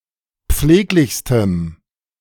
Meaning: strong dative masculine/neuter singular superlative degree of pfleglich
- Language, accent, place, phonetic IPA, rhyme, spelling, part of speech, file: German, Germany, Berlin, [ˈp͡fleːklɪçstəm], -eːklɪçstəm, pfleglichstem, adjective, De-pfleglichstem.ogg